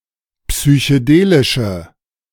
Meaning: inflection of psychedelisch: 1. strong/mixed nominative/accusative feminine singular 2. strong nominative/accusative plural 3. weak nominative all-gender singular
- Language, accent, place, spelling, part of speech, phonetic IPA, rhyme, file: German, Germany, Berlin, psychedelische, adjective, [psyçəˈdeːlɪʃə], -eːlɪʃə, De-psychedelische.ogg